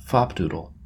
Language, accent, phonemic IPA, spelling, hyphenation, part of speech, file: English, US, /ˈfɑpdudəl/, fopdoodle, fop‧doo‧dle, noun, En-us-fopdoodle.oga
- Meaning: A stupid person; a fool, a simpleton